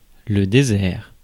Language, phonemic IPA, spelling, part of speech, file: French, /de.zɛʁ/, désert, noun / adjective, Fr-désert.ogg
- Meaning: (noun) desert; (adjective) deserted